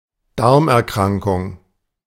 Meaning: enteropathy
- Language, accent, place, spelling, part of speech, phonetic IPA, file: German, Germany, Berlin, Darmerkrankung, noun, [ˈdaʁmʔɛɐ̯ˌkʁaŋkʊŋ], De-Darmerkrankung.ogg